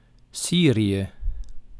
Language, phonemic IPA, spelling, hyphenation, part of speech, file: Dutch, /ˈsiː.ri.ə/, Syrië, Sy‧rië, proper noun, Nl-Syrië.ogg
- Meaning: Syria (a country in West Asia in the Middle East)